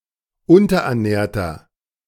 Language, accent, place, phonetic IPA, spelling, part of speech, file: German, Germany, Berlin, [ˈʊntɐʔɛɐ̯ˌnɛːɐ̯tɐ], unterernährter, adjective, De-unterernährter.ogg
- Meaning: inflection of unterernährt: 1. strong/mixed nominative masculine singular 2. strong genitive/dative feminine singular 3. strong genitive plural